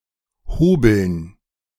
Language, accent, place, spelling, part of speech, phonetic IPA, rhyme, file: German, Germany, Berlin, Hobeln, noun, [ˈhoːbl̩n], -oːbl̩n, De-Hobeln.ogg
- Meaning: dative plural of Hobel